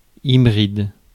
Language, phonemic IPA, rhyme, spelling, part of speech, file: French, /i.bʁid/, -id, hybride, adjective / noun, Fr-hybride.ogg
- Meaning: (adjective) hybrid